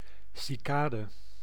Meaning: 1. cicada, any of the Cicadoidea, insects of the order Hemiptera 2. a cricket
- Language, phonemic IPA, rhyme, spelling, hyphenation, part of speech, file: Dutch, /ˌsiˈkaː.də/, -aːdə, cicade, ci‧ca‧de, noun, Nl-cicade.ogg